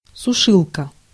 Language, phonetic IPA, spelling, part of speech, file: Russian, [sʊˈʂɨɫkə], сушилка, noun, Ru-сушилка.ogg
- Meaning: dryer (household appliance for drying clothing)